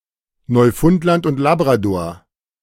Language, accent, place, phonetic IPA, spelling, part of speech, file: German, Germany, Berlin, [nɔɪ̯ˈfʊntlant ʊnt ˈlabʁadoːɐ̯], Neufundland und Labrador, proper noun, De-Neufundland und Labrador.ogg
- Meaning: Newfoundland and Labrador (a province in eastern Canada)